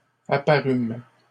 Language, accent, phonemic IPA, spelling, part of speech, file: French, Canada, /a.pa.ʁym/, apparûmes, verb, LL-Q150 (fra)-apparûmes.wav
- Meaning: first-person plural past historic of apparaître